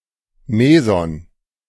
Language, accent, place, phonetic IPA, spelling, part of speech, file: German, Germany, Berlin, [ˈmeːzɔn], Meson, noun, De-Meson.ogg
- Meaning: meson